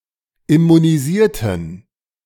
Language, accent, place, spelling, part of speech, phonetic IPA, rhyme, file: German, Germany, Berlin, immunisierten, adjective / verb, [ɪmuniˈziːɐ̯tn̩], -iːɐ̯tn̩, De-immunisierten.ogg
- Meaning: inflection of immunisieren: 1. first/third-person plural preterite 2. first/third-person plural subjunctive II